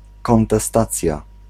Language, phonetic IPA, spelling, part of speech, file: Polish, [ˌkɔ̃ntɛˈstat͡sʲja], kontestacja, noun, Pl-kontestacja.ogg